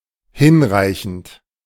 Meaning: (verb) present participle of hinreichen; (adjective) 1. sufficient, adequate, enough 2. ample; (adverb) sufficiently, adequately
- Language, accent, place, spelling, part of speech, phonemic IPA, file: German, Germany, Berlin, hinreichend, verb / adjective / adverb, /ˈhɪnʁaɪ̯çənt/, De-hinreichend.ogg